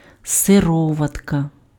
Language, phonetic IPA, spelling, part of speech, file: Ukrainian, [seˈrɔʋɐtkɐ], сироватка, noun, Uk-сироватка.ogg
- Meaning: 1. whey 2. buttermilk 3. serum